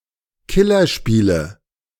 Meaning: nominative/accusative/genitive plural of Killerspiel
- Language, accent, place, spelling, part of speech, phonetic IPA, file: German, Germany, Berlin, Killerspiele, noun, [ˈkɪlɐˌʃpiːlə], De-Killerspiele.ogg